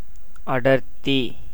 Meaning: 1. closeness, crowdedness 2. denseness, density, thickness 3. density (a measure of the mass of matter contained by a unit volume) 4. intensity
- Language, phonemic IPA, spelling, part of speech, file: Tamil, /ɐɖɐɾt̪ːiː/, அடர்த்தி, noun, Ta-அடர்த்தி.ogg